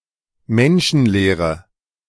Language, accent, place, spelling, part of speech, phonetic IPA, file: German, Germany, Berlin, menschenleere, adjective, [ˈmɛnʃn̩ˌleːʁə], De-menschenleere.ogg
- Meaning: inflection of menschenleer: 1. strong/mixed nominative/accusative feminine singular 2. strong nominative/accusative plural 3. weak nominative all-gender singular